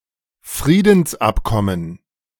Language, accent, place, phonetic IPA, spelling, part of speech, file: German, Germany, Berlin, [ˈfʁiːdn̩sˌʔapkɔmən], Friedensabkommen, noun, De-Friedensabkommen.ogg
- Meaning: peace agreement